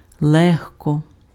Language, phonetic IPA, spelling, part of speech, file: Ukrainian, [ˈɫɛɦkɔ], легко, adverb / adjective, Uk-легко.ogg
- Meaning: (adverb) 1. lightly 2. easily; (adjective) easy